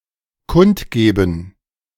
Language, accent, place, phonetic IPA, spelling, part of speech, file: German, Germany, Berlin, [ˈkʊntɡeːbn], kundgeben, verb, De-kundgeben.ogg
- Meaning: to announce